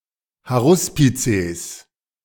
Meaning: plural of Haruspex
- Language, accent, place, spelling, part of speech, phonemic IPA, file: German, Germany, Berlin, Haruspizes, noun, /haʁʊˈspitseːs/, De-Haruspizes.ogg